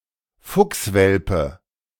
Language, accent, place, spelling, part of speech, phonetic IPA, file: German, Germany, Berlin, Fuchswelpe, noun, [ˈfʊksˌvɛlpə], De-Fuchswelpe.ogg
- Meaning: fox cub